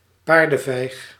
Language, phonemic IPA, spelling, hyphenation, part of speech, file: Dutch, /ˈpaːr.də(n)ˌvɛi̯x/, paardenvijg, paar‧den‧vijg, noun, Nl-paardenvijg.ogg
- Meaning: piece of horse dung ; horse dropping